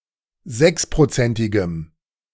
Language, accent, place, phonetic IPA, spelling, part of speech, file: German, Germany, Berlin, [ˈzɛkspʁoˌt͡sɛntɪɡəm], sechsprozentigem, adjective, De-sechsprozentigem.ogg
- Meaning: strong dative masculine/neuter singular of sechsprozentig